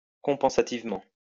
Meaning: compensatively
- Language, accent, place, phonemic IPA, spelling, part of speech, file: French, France, Lyon, /kɔ̃.pɑ̃.sa.tiv.mɑ̃/, compensativement, adverb, LL-Q150 (fra)-compensativement.wav